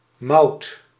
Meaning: a female given name
- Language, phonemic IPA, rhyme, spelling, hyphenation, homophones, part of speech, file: Dutch, /mɑu̯t/, -ɑu̯t, Maud, Maud, mout, proper noun, Nl-Maud.ogg